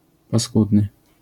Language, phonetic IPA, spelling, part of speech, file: Polish, [paˈskudnɨ], paskudny, adjective, LL-Q809 (pol)-paskudny.wav